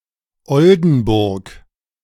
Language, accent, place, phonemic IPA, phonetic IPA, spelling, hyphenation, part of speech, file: German, Germany, Berlin, /ˈɔldənˌbʊʁk/, [ˈɔldn̩ˌbʊʁk], Oldenburg, Ol‧den‧burg, proper noun, De-Oldenburg.ogg
- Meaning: 1. Oldenburg (an independent city in Lower Saxony, Germany) 2. a rural district of Lower Saxony; seat: Wildeshausen